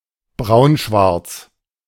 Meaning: very dark, blackish brown
- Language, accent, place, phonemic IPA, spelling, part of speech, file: German, Germany, Berlin, /ˈbʁaʊ̯nʃvaʁt͡s/, braunschwarz, adjective, De-braunschwarz.ogg